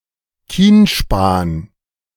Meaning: fatwood
- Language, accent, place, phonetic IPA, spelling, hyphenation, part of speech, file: German, Germany, Berlin, [ˈkiːnˌʃpaːn], Kienspan, Kien‧span, noun, De-Kienspan.ogg